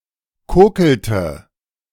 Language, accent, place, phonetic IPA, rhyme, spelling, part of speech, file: German, Germany, Berlin, [ˈkoːkl̩tə], -oːkl̩tə, kokelte, verb, De-kokelte.ogg
- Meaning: inflection of kokeln: 1. first/third-person singular preterite 2. first/third-person singular subjunctive II